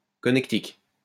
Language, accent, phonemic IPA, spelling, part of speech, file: French, France, /kɔ.nɛk.tik/, connectique, noun, LL-Q150 (fra)-connectique.wav
- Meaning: electrical connector